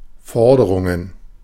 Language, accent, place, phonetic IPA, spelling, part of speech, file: German, Germany, Berlin, [ˈfɔʁdəʁʊŋən], Forderungen, noun, De-Forderungen.ogg
- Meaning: plural of Forderung